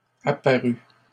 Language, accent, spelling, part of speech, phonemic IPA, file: French, Canada, apparue, verb, /a.pa.ʁy/, LL-Q150 (fra)-apparue.wav
- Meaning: feminine singular of apparu